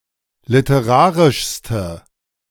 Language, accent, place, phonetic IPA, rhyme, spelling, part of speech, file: German, Germany, Berlin, [lɪtəˈʁaːʁɪʃstə], -aːʁɪʃstə, literarischste, adjective, De-literarischste.ogg
- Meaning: inflection of literarisch: 1. strong/mixed nominative/accusative feminine singular superlative degree 2. strong nominative/accusative plural superlative degree